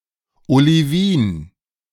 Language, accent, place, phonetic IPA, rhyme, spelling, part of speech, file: German, Germany, Berlin, [oliˈviːn], -iːn, Olivin, noun, De-Olivin.ogg
- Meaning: olivine